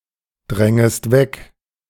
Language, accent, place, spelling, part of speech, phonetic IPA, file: German, Germany, Berlin, drängest weg, verb, [ˌdʁɛŋəst ˈvɛk], De-drängest weg.ogg
- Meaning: second-person singular subjunctive I of wegdrängen